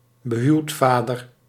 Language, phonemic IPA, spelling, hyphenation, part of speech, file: Dutch, /bəˈɦyu̯tˌfaː.dər/, behuwdvader, be‧huwd‧va‧der, noun, Nl-behuwdvader.ogg
- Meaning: father-in-law